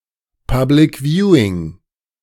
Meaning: A public showing of a sports match or other event on a large television screen
- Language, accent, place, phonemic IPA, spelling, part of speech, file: German, Germany, Berlin, /ˈpablɪk ˈvjuːiŋ/, Public Viewing, noun, De-Public Viewing.ogg